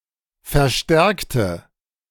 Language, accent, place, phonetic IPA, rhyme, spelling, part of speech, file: German, Germany, Berlin, [fɛɐ̯ˈʃtɛʁktə], -ɛʁktə, verstärkte, adjective / verb, De-verstärkte.ogg
- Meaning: inflection of verstärken: 1. first/third-person singular preterite 2. first/third-person singular subjunctive II